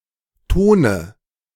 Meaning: nominative/accusative/genitive plural of Ton
- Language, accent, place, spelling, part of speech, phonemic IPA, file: German, Germany, Berlin, Tone, noun, /ˈtoːnə/, De-Tone.ogg